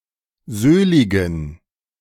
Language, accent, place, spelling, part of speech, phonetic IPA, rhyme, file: German, Germany, Berlin, söhligen, adjective, [ˈzøːlɪɡn̩], -øːlɪɡn̩, De-söhligen.ogg
- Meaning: inflection of söhlig: 1. strong genitive masculine/neuter singular 2. weak/mixed genitive/dative all-gender singular 3. strong/weak/mixed accusative masculine singular 4. strong dative plural